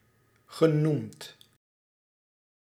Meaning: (adjective) said, given; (verb) past participle of noemen
- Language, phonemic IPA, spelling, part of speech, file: Dutch, /ɣəˈnumt/, genoemd, adjective / verb, Nl-genoemd.ogg